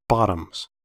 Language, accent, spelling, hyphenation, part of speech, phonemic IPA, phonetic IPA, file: English, US, bottoms, bot‧toms, noun / verb, /ˈbɑ.təmz/, [ˈbɑɾəmz], En-us-bottoms.ogg
- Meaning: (noun) 1. plural of bottom 2. The bottom (trouser) part of clothing, as in pyjama bottoms, tracksuit bottoms, bikini bottoms; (verb) third-person singular simple present indicative of bottom